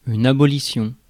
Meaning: abolition
- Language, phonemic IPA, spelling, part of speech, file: French, /a.bɔ.li.sjɔ̃/, abolition, noun, Fr-abolition.ogg